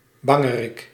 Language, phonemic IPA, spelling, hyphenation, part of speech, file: Dutch, /ˈbɑ.ŋəˌrɪk/, bangerik, ban‧ge‧rik, noun, Nl-bangerik.ogg
- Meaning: faint-hearted (individual), coward